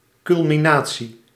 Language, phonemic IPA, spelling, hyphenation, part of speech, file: Dutch, /kʏlmiˈnaː.(t)si/, culminatie, cul‧mi‧na‧tie, noun, Nl-culminatie.ogg
- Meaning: 1. culmination, transit, the reaching of the highest altitude by a celestial body 2. culmination, highpoint, apex